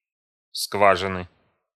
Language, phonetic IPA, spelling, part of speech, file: Russian, [ˈskvaʐɨnɨ], скважины, noun, Ru-скважины.ogg
- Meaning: inflection of сква́жина (skvážina): 1. genitive singular 2. nominative/accusative plural